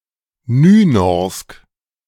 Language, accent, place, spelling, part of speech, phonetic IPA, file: German, Germany, Berlin, Nynorsk, noun, [ˈnyːnɔʁsk], De-Nynorsk.ogg
- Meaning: Nynorsk